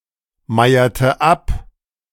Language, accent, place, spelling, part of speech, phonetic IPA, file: German, Germany, Berlin, meierte ab, verb, [ˌmaɪ̯ɐtə ˈap], De-meierte ab.ogg
- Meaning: inflection of abmeiern: 1. first/third-person singular preterite 2. first/third-person singular subjunctive II